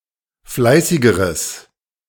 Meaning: strong/mixed nominative/accusative neuter singular comparative degree of fleißig
- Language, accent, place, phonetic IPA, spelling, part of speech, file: German, Germany, Berlin, [ˈflaɪ̯sɪɡəʁəs], fleißigeres, adjective, De-fleißigeres.ogg